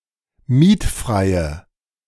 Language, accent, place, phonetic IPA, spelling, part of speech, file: German, Germany, Berlin, [ˈmiːtˌfʁaɪ̯ə], mietfreie, adjective, De-mietfreie.ogg
- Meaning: inflection of mietfrei: 1. strong/mixed nominative/accusative feminine singular 2. strong nominative/accusative plural 3. weak nominative all-gender singular